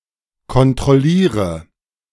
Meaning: inflection of kontrollieren: 1. first-person singular present 2. singular imperative 3. first/third-person singular subjunctive I
- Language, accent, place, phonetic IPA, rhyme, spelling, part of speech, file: German, Germany, Berlin, [kɔntʁɔˈliːʁə], -iːʁə, kontrolliere, verb, De-kontrolliere.ogg